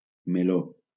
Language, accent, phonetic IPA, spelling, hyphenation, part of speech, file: Catalan, Valencia, [meˈlo], meló, me‧ló, noun, LL-Q7026 (cat)-meló.wav
- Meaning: 1. melon 2. can of worms